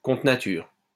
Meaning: against nature, unnatural; unholy, perverted
- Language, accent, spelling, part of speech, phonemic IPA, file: French, France, contre nature, adjective, /kɔ̃.tʁə na.tyʁ/, LL-Q150 (fra)-contre nature.wav